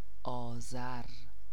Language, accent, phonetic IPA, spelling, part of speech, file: Persian, Iran, [ʔɒː.zæɹ], آذر, noun / proper noun, Fa-آذر.ogg
- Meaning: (noun) fire; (proper noun) 1. Azar (the ninth solar month of the Persian calendar) 2. Name of the ninth day of any month of the solar Persian calendar 3. a female given name, Azar